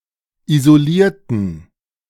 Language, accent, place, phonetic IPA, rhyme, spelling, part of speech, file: German, Germany, Berlin, [izoˈliːɐ̯tn̩], -iːɐ̯tn̩, isolierten, adjective / verb, De-isolierten.ogg
- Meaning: inflection of isolieren: 1. first/third-person plural preterite 2. first/third-person plural subjunctive II